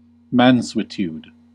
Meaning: Gentleness, tameness
- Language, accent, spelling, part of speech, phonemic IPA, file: English, US, mansuetude, noun, /mænˈsuət(j)ud/, En-us-mansuetude.ogg